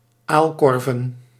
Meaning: plural of aalkorf
- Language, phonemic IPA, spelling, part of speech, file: Dutch, /ˈalkɔrvə(n)/, aalkorven, noun, Nl-aalkorven.ogg